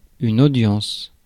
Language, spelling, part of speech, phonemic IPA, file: French, audience, noun, /o.djɑ̃s/, Fr-audience.ogg
- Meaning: 1. audience, viewer 2. hearing